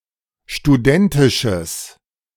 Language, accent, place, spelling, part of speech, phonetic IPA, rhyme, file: German, Germany, Berlin, studentisches, adjective, [ʃtuˈdɛntɪʃəs], -ɛntɪʃəs, De-studentisches.ogg
- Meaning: strong/mixed nominative/accusative neuter singular of studentisch